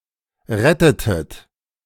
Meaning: inflection of retten: 1. second-person plural preterite 2. second-person plural subjunctive II
- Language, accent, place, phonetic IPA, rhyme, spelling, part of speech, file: German, Germany, Berlin, [ˈʁɛtətət], -ɛtətət, rettetet, verb, De-rettetet.ogg